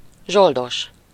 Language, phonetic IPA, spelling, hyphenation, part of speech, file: Hungarian, [ˈʒoldoʃ], zsoldos, zsol‧dos, noun, Hu-zsoldos.ogg
- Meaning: mercenary